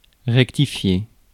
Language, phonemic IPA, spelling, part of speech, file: French, /ʁɛk.ti.fje/, rectifier, verb, Fr-rectifier.ogg
- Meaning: to rectify